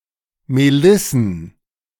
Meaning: plural of Melisse
- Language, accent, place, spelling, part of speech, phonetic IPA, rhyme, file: German, Germany, Berlin, Melissen, noun, [meˈlɪsn̩], -ɪsn̩, De-Melissen.ogg